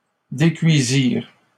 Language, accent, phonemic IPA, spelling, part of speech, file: French, Canada, /de.kɥi.ziʁ/, décuisirent, verb, LL-Q150 (fra)-décuisirent.wav
- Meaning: third-person plural past historic of décuire